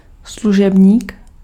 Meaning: servant
- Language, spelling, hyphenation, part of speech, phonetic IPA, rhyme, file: Czech, služebník, slu‧žeb‧ník, noun, [ˈsluʒɛbɲiːk], -ɛbɲiːk, Cs-služebník.ogg